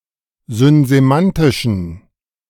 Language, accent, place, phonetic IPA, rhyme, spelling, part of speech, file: German, Germany, Berlin, [zʏnzeˈmantɪʃn̩], -antɪʃn̩, synsemantischen, adjective, De-synsemantischen.ogg
- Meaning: inflection of synsemantisch: 1. strong genitive masculine/neuter singular 2. weak/mixed genitive/dative all-gender singular 3. strong/weak/mixed accusative masculine singular 4. strong dative plural